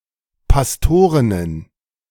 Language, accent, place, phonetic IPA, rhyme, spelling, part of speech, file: German, Germany, Berlin, [pasˈtoːʁɪnən], -oːʁɪnən, Pastorinnen, noun, De-Pastorinnen.ogg
- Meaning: plural of Pastorin